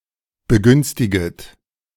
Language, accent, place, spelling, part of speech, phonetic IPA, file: German, Germany, Berlin, begünstiget, verb, [bəˈɡʏnstɪɡət], De-begünstiget.ogg
- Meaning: second-person plural subjunctive I of begünstigen